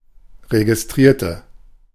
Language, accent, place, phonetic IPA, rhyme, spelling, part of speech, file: German, Germany, Berlin, [ʁeɡɪsˈtʁiːɐ̯tə], -iːɐ̯tə, registrierte, adjective / verb, De-registrierte.ogg
- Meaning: inflection of registrieren: 1. first/third-person singular preterite 2. first/third-person singular subjunctive II